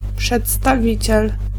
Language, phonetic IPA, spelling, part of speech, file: Polish, [ˌpʃɛtstaˈvʲit͡ɕɛl], przedstawiciel, noun, Pl-przedstawiciel.ogg